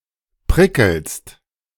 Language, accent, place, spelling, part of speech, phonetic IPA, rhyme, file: German, Germany, Berlin, prickelst, verb, [ˈpʁɪkl̩st], -ɪkl̩st, De-prickelst.ogg
- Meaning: second-person singular present of prickeln